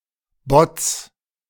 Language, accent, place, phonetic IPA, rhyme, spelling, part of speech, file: German, Germany, Berlin, [bɔt͡s], -ɔt͡s, Bots, noun, De-Bots.ogg
- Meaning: plural of Bot